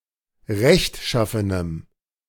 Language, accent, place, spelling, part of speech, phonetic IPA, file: German, Germany, Berlin, rechtschaffenem, adjective, [ˈʁɛçtˌʃafənəm], De-rechtschaffenem.ogg
- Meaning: strong dative masculine/neuter singular of rechtschaffen